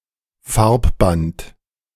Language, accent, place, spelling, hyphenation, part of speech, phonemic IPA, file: German, Germany, Berlin, Farbband, Farb‧band, noun, /ˈfaʁpbant/, De-Farbband.ogg
- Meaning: ink ribbon